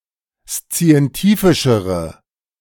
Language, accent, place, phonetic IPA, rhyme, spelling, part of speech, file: German, Germany, Berlin, [st͡si̯ɛnˈtiːfɪʃəʁə], -iːfɪʃəʁə, szientifischere, adjective, De-szientifischere.ogg
- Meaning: inflection of szientifisch: 1. strong/mixed nominative/accusative feminine singular comparative degree 2. strong nominative/accusative plural comparative degree